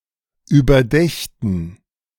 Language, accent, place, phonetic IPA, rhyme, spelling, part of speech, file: German, Germany, Berlin, [yːbɐˈdɛçtn̩], -ɛçtn̩, überdächten, verb, De-überdächten.ogg
- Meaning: first/third-person plural subjunctive II of überdenken